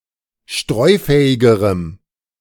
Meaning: strong dative masculine/neuter singular comparative degree of streufähig
- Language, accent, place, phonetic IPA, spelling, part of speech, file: German, Germany, Berlin, [ˈʃtʁɔɪ̯ˌfɛːɪɡəʁəm], streufähigerem, adjective, De-streufähigerem.ogg